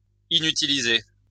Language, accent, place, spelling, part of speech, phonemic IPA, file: French, France, Lyon, inutilisé, adjective, /i.ny.ti.li.ze/, LL-Q150 (fra)-inutilisé.wav
- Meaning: unused; not used